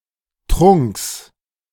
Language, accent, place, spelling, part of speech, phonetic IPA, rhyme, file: German, Germany, Berlin, Trunks, noun, [tʁʊŋks], -ʊŋks, De-Trunks.ogg
- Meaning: genitive singular of Trunk